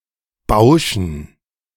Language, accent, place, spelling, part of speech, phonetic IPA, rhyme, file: German, Germany, Berlin, Bauschen, noun, [ˈbaʊ̯ʃn̩], -aʊ̯ʃn̩, De-Bauschen.ogg
- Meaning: dative plural of Bausch